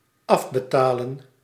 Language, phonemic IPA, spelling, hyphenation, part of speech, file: Dutch, /ˈɑf.bəˌtaː.lə(n)/, afbetalen, af‧be‧ta‧len, verb, Nl-afbetalen.ogg
- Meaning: 1. to pay back, to pay off, to redeem 2. to pay off in instalments